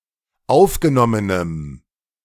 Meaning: strong dative masculine/neuter singular of aufgenommen
- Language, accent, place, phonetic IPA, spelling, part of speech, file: German, Germany, Berlin, [ˈaʊ̯fɡəˌnɔmənəm], aufgenommenem, adjective, De-aufgenommenem.ogg